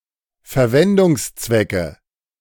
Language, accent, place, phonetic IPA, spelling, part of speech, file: German, Germany, Berlin, [fɛɐ̯ˈvɛndʊŋsˌt͡svɛkə], Verwendungszwecke, noun, De-Verwendungszwecke.ogg
- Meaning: nominative/accusative/genitive plural of Verwendungszweck